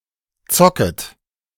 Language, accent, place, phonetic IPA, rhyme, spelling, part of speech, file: German, Germany, Berlin, [ˈt͡sɔkət], -ɔkət, zocket, verb, De-zocket.ogg
- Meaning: second-person plural subjunctive I of zocken